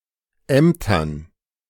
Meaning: dative plural of Amt
- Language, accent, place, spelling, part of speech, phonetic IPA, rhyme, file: German, Germany, Berlin, Ämtern, noun, [ˈɛmtɐn], -ɛmtɐn, De-Ämtern.ogg